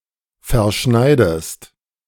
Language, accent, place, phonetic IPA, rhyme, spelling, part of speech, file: German, Germany, Berlin, [fɛɐ̯ˈʃnaɪ̯dəst], -aɪ̯dəst, verschneidest, verb, De-verschneidest.ogg
- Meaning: inflection of verschneiden: 1. second-person singular present 2. second-person singular subjunctive I